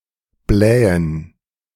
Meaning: 1. synonym of aufblähen (“to inflate, puff up, balloon”) 2. to cause flatulation
- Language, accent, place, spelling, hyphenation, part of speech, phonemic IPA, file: German, Germany, Berlin, blähen, blä‧hen, verb, /ˈblɛːən/, De-blähen.ogg